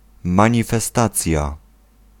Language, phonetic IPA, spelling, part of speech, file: Polish, [ˌmãɲifɛˈstat͡sʲja], manifestacja, noun, Pl-manifestacja.ogg